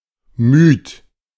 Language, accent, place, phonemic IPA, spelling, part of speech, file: German, Germany, Berlin, /myːt/, müd, adjective, De-müd.ogg
- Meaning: alternative form of müde